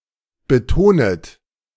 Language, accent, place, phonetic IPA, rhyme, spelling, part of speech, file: German, Germany, Berlin, [bəˈtoːnət], -oːnət, betonet, verb, De-betonet.ogg
- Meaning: second-person plural subjunctive I of betonen